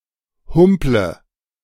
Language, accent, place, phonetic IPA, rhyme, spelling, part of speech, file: German, Germany, Berlin, [ˈhʊmplə], -ʊmplə, humple, verb, De-humple.ogg
- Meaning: inflection of humpeln: 1. first-person singular present 2. first/third-person singular subjunctive I 3. singular imperative